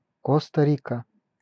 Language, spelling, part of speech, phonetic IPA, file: Russian, Коста-Рика, proper noun, [ˌkostə ˈrʲikə], Ru-Коста-Рика.ogg
- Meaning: Costa Rica (a country in Central America)